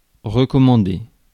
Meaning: to recommend, to endorse
- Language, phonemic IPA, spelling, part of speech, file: French, /ʁə.kɔ.mɑ̃.de/, recommander, verb, Fr-recommander.ogg